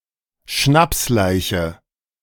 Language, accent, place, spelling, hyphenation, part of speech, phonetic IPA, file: German, Germany, Berlin, Schnapsleiche, Schnaps‧lei‧che, noun, [ˈʃnapsˌlaɪ̯çə], De-Schnapsleiche.ogg
- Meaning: a person who has passed out from being drunk